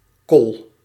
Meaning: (noun) 1. witch 2. wizard, magician, sorcerer, conjuror, warlock; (adjective) 1. difficult, troublesome 2. magical; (noun) white spot on the forehead of a horse or a cow
- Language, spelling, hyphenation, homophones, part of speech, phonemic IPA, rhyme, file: Dutch, kol, kol, col, noun / adjective, /kɔl/, -ɔl, Nl-kol.ogg